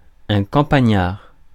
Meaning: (adjective) 1. country 2. rustic; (noun) countryman, country dweller (person from a rural area)
- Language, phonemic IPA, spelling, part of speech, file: French, /kɑ̃.pa.ɲaʁ/, campagnard, adjective / noun, Fr-campagnard.ogg